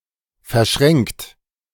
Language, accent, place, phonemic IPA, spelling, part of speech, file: German, Germany, Berlin, /fɛɐ̯ˈʃʁɛŋkt/, verschränkt, verb, De-verschränkt.ogg
- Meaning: 1. past participle of verschränken 2. inflection of verschränken: second-person plural present 3. inflection of verschränken: third-person singular present